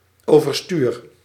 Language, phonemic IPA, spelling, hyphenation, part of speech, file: Dutch, /ˌovərˈstyr/, overstuur, over‧stuur, adjective / verb, Nl-overstuur.ogg
- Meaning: emotionally affected